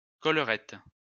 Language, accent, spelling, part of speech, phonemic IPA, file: French, France, collerette, noun, /kɔl.ʁɛt/, LL-Q150 (fra)-collerette.wav
- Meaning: 1. ruff 2. collarette 3. ring, annulus 4. flange